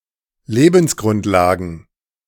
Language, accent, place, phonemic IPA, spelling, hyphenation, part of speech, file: German, Germany, Berlin, /ˈleːbn̩sˌɡʁʊntlaːɡn̩/, Lebensgrundlagen, Le‧bens‧grund‧la‧gen, noun, De-Lebensgrundlagen.ogg
- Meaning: plural of Lebensgrundlage